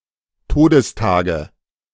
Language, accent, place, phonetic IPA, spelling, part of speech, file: German, Germany, Berlin, [ˈtoːdəsˌtaːɡə], Todestage, noun, De-Todestage.ogg
- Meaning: nominative/accusative/genitive plural of Todestag